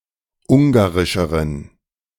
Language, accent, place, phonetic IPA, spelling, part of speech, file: German, Germany, Berlin, [ˈʊŋɡaʁɪʃəʁən], ungarischeren, adjective, De-ungarischeren.ogg
- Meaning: inflection of ungarisch: 1. strong genitive masculine/neuter singular comparative degree 2. weak/mixed genitive/dative all-gender singular comparative degree